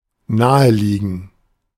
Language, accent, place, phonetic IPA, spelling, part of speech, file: German, Germany, Berlin, [ˈnaːəˌliːɡn̩], naheliegen, verb, De-naheliegen.ogg
- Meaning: to be obvious, to immediately come to mind